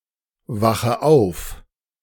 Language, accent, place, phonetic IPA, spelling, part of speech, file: German, Germany, Berlin, [ˌvaxə ˈaʊ̯f], wache auf, verb, De-wache auf.ogg
- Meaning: inflection of aufwachen: 1. first-person singular present 2. first/third-person singular subjunctive I 3. singular imperative